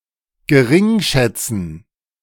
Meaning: to despise, disdain, hold in contempt, attach little value to
- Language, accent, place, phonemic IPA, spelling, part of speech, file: German, Germany, Berlin, /ɡəˈʁɪŋˌʃɛt͡sn̩/, geringschätzen, verb, De-geringschätzen.ogg